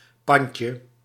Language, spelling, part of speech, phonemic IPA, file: Dutch, pandje, noun, /ˈpɑɲcə/, Nl-pandje.ogg
- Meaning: diminutive of pand